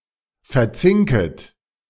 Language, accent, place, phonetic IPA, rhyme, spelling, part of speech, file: German, Germany, Berlin, [fɛɐ̯ˈt͡sɪŋkət], -ɪŋkət, verzinket, verb, De-verzinket.ogg
- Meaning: second-person plural subjunctive I of verzinken